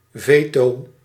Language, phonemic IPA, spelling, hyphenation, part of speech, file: Dutch, /ˈveː.toː/, veto, ve‧to, noun, Nl-veto.ogg
- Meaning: veto